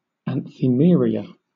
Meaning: The use of a word from one word class or part of speech as if it were from another, in English typically the use of a noun as if it were a verb
- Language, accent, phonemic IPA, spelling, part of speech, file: English, Southern England, /ænθɪˈmɪəɹiə/, anthimeria, noun, LL-Q1860 (eng)-anthimeria.wav